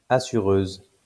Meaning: female equivalent of assureur
- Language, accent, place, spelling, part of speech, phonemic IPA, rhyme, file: French, France, Lyon, assureuse, noun, /a.sy.ʁøz/, -øz, LL-Q150 (fra)-assureuse.wav